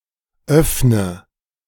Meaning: inflection of öffnen: 1. first-person singular present 2. first/third-person singular subjunctive I 3. singular imperative
- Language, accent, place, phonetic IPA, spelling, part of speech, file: German, Germany, Berlin, [ˈœfnə], öffne, verb, De-öffne.ogg